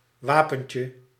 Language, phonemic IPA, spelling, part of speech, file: Dutch, /ˈwapə(n)cə/, wapentje, noun, Nl-wapentje.ogg
- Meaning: diminutive of wapen